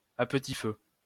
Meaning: 1. over a gentle heat, over a slow heat, on a low heat 2. slowly, little by little
- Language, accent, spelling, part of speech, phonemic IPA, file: French, France, à petit feu, adverb, /a p(ə).ti fø/, LL-Q150 (fra)-à petit feu.wav